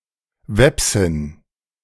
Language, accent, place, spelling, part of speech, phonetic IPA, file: German, Germany, Berlin, Wepsin, noun, [ˈvɛpsɪn], De-Wepsin.ogg
- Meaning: Veps (woman of Veps origin)